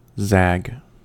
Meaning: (noun) 1. One of a series of sharp turns or reversals 2. One of a series of sharp turns or reversals.: A twist in a storyline; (verb) To move with a sharp turn or reversal
- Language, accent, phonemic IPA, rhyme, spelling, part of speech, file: English, US, /zæɡ/, -æɡ, zag, noun / verb, En-us-zag.ogg